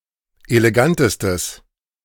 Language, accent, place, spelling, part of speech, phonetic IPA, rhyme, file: German, Germany, Berlin, elegantestes, adjective, [eleˈɡantəstəs], -antəstəs, De-elegantestes.ogg
- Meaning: strong/mixed nominative/accusative neuter singular superlative degree of elegant